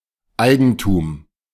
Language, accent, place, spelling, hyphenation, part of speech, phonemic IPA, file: German, Germany, Berlin, Eigentum, Ei‧gen‧tum, noun, /ˈaɪɡəntuːm/, De-Eigentum.ogg
- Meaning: 1. ownership 2. an item of owned property, e.g. estate, belonging, etc